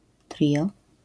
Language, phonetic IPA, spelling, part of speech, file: Polish, [ˈtrʲiʲɔ], trio, noun, LL-Q809 (pol)-trio.wav